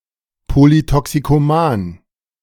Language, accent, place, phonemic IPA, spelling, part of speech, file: German, Germany, Berlin, /polytɔksikoˈmaːn/, polytoxikoman, adjective, De-polytoxikoman.ogg
- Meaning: polytoxicomane